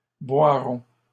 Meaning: first-person plural future of boire
- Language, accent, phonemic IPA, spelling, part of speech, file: French, Canada, /bwa.ʁɔ̃/, boirons, verb, LL-Q150 (fra)-boirons.wav